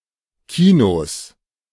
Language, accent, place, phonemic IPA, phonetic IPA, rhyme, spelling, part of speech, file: German, Germany, Berlin, /ˈkiːnoːs/, [ˈkʰiːnoːs], -oːs, Kinos, noun, De-Kinos.ogg
- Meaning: 1. genitive singular of Kino 2. plural of Kino